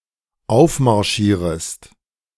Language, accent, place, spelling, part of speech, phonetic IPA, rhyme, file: German, Germany, Berlin, aufmarschierest, verb, [ˈaʊ̯fmaʁˌʃiːʁəst], -aʊ̯fmaʁʃiːʁəst, De-aufmarschierest.ogg
- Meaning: second-person singular dependent subjunctive I of aufmarschieren